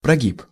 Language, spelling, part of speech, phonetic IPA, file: Russian, прогиб, noun, [prɐˈɡʲip], Ru-прогиб.ogg
- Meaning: 1. buckling, flexure, caving 2. concession; giving in to someone's demands